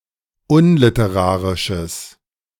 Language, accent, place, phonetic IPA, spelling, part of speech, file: German, Germany, Berlin, [ˈʊnlɪtəˌʁaːʁɪʃəs], unliterarisches, adjective, De-unliterarisches.ogg
- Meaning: strong/mixed nominative/accusative neuter singular of unliterarisch